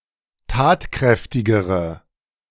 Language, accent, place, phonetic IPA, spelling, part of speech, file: German, Germany, Berlin, [ˈtaːtˌkʁɛftɪɡəʁə], tatkräftigere, adjective, De-tatkräftigere.ogg
- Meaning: inflection of tatkräftig: 1. strong/mixed nominative/accusative feminine singular comparative degree 2. strong nominative/accusative plural comparative degree